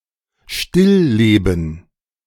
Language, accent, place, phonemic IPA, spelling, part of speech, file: German, Germany, Berlin, /ˈʃtɪ(l)ˌleːbən/, Stillleben, noun, De-Stillleben.ogg
- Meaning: still life (work of art)